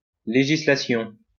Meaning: legislation
- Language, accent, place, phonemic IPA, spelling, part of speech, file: French, France, Lyon, /le.ʒi.sla.sjɔ̃/, législation, noun, LL-Q150 (fra)-législation.wav